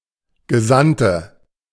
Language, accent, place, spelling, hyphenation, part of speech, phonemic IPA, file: German, Germany, Berlin, Gesandte, Ge‧sand‧te, noun, /ɡəˈzantə/, De-Gesandte.ogg
- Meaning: 1. female equivalent of Gesandter: female envoy 2. inflection of Gesandter: strong nominative/accusative plural 3. inflection of Gesandter: weak nominative singular